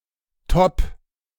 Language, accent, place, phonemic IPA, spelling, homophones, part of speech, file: German, Germany, Berlin, /tɔp/, Top, top / topp / Topp, noun, De-Top.ogg
- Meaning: a casual women's shirt, often with very short sleeves; a top